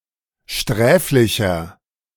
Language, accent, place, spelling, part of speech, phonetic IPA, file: German, Germany, Berlin, sträflicher, adjective, [ˈʃtʁɛːflɪçɐ], De-sträflicher.ogg
- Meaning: 1. comparative degree of sträflich 2. inflection of sträflich: strong/mixed nominative masculine singular 3. inflection of sträflich: strong genitive/dative feminine singular